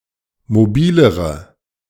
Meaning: inflection of mobil: 1. strong/mixed nominative/accusative feminine singular comparative degree 2. strong nominative/accusative plural comparative degree
- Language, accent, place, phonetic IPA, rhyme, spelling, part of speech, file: German, Germany, Berlin, [moˈbiːləʁə], -iːləʁə, mobilere, adjective, De-mobilere.ogg